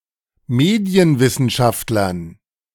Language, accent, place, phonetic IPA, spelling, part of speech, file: German, Germany, Berlin, [ˈmeːdi̯ənvɪsn̩ˌʃaftlɐn], Medienwissenschaftlern, noun, De-Medienwissenschaftlern.ogg
- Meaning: dative plural of Medienwissenschaftler